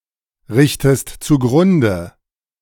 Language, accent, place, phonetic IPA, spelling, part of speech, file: German, Germany, Berlin, [ˌʁɪçtəst t͡suˈɡʁʊndə], richtest zugrunde, verb, De-richtest zugrunde.ogg
- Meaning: inflection of zugrunderichten: 1. second-person singular present 2. second-person singular subjunctive I